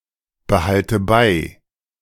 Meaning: inflection of beibehalten: 1. first-person singular present 2. first/third-person singular subjunctive I 3. singular imperative
- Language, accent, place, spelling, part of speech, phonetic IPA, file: German, Germany, Berlin, behalte bei, verb, [bəˌhaltə ˈbaɪ̯], De-behalte bei.ogg